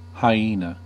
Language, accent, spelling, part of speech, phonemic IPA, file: English, US, hyena, noun, /haɪˈiːnə/, En-us-hyena.ogg
- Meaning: Any of the medium-sized to large feliform carnivores of the family Hyaenidae, native to Africa and Asia and noted for the sound similar to laughter which they can make if excited